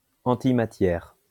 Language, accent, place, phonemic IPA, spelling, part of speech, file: French, France, Lyon, /ɑ̃.ti.ma.tjɛʁ/, antimatière, noun, LL-Q150 (fra)-antimatière.wav
- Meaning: antimatter